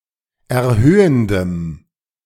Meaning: strong dative masculine/neuter singular of erhöhend
- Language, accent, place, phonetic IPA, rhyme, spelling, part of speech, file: German, Germany, Berlin, [ɛɐ̯ˈhøːəndəm], -øːəndəm, erhöhendem, adjective, De-erhöhendem.ogg